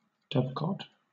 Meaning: A small house or box, often raised to a considerable height above the ground, and having compartments (pigeonholes), in which domestic pigeons breed; a dove house
- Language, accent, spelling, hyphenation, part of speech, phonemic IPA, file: English, Southern England, dovecote, dove‧cote, noun, /ˈdʌvkɒt/, LL-Q1860 (eng)-dovecote.wav